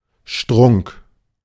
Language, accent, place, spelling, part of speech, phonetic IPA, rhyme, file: German, Germany, Berlin, Strunk, noun, [ʃtʁʊŋk], -ʊŋk, De-Strunk.ogg
- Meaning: 1. the thick, woody stalk found in some plants, especially cabbages 2. tree trunk